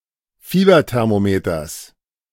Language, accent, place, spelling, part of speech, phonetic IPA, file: German, Germany, Berlin, Fieberthermometers, noun, [ˈfiːbɐtɛʁmoˌmeːtɐs], De-Fieberthermometers.ogg
- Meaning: genitive singular of Fieberthermometer